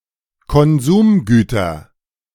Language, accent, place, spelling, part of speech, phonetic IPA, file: German, Germany, Berlin, Konsumgüter, noun, [kɔnˈzuːmˌɡyːtɐ], De-Konsumgüter.ogg
- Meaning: nominative/accusative/genitive plural of Konsumgut